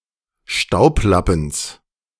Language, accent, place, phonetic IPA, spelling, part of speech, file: German, Germany, Berlin, [ˈʃtaʊ̯pˌlapn̩s], Staublappens, noun, De-Staublappens.ogg
- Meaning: genitive of Staublappen